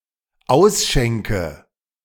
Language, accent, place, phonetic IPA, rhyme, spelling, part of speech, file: German, Germany, Berlin, [ˈaʊ̯sˌʃɛŋkə], -aʊ̯sʃɛŋkə, ausschenke, verb, De-ausschenke.ogg
- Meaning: inflection of ausschenken: 1. first-person singular dependent present 2. first/third-person singular dependent subjunctive I